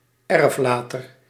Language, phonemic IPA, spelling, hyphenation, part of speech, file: Dutch, /ˈɛr(ə)fˌlaːtər/, erflater, erf‧la‧ter, noun, Nl-erflater.ogg
- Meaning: 1. testator (one who dies having made a legally valid will) 2. bequeather, originator of a heritage